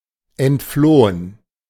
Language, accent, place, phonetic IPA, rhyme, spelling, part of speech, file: German, Germany, Berlin, [ɛntˈfloːən], -oːən, entflohen, verb, De-entflohen.ogg
- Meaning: 1. past participle of entfliehen 2. to flea, deflea (try to rid of fleas)